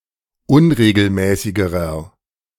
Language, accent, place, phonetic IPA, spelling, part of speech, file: German, Germany, Berlin, [ˈʊnʁeːɡl̩ˌmɛːsɪɡəʁɐ], unregelmäßigerer, adjective, De-unregelmäßigerer.ogg
- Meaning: inflection of unregelmäßig: 1. strong/mixed nominative masculine singular comparative degree 2. strong genitive/dative feminine singular comparative degree 3. strong genitive plural comparative degree